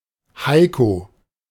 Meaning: a male given name from Low German, variant of Heinrich
- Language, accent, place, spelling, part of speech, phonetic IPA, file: German, Germany, Berlin, Heiko, proper noun, [ˈhaɪ̯ko], De-Heiko.ogg